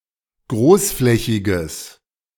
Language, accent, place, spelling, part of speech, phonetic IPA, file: German, Germany, Berlin, großflächiges, adjective, [ˈɡʁoːsˌflɛçɪɡəs], De-großflächiges.ogg
- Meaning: strong/mixed nominative/accusative neuter singular of großflächig